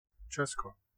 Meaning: 1. Czech Republic, Czechia (a country in Central Europe; official name: Česká republika; capital: Praha) 2. the Czech lands 3. Bohemia, one of the historical regions of the Czech Republic
- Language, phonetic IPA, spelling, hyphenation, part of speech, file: Czech, [ˈt͡ʃɛsko], Česko, Če‧s‧ko, proper noun, Cs-Česko.ogg